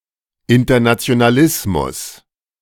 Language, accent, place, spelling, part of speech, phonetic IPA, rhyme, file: German, Germany, Berlin, Internationalismus, noun, [ˌɪntɐnat͡si̯onaˈlɪsmʊs], -ɪsmʊs, De-Internationalismus.ogg
- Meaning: internationalism